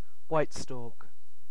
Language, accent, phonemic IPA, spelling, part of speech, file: English, UK, /waɪt stɔːk/, white stork, noun, En-uk-white stork.ogg
- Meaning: A large wading bird, of species Ciconia ciconia, that winters in Africa and breeds in Europe; in European folklore, it delivers babies